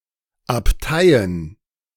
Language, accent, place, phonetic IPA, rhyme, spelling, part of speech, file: German, Germany, Berlin, [apˈtaɪ̯ən], -aɪ̯ən, Abteien, noun, De-Abteien.ogg
- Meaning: plural of Abtei